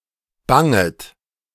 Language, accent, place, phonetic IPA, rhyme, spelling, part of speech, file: German, Germany, Berlin, [ˈbaŋət], -aŋət, banget, verb, De-banget.ogg
- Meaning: second-person plural subjunctive I of bangen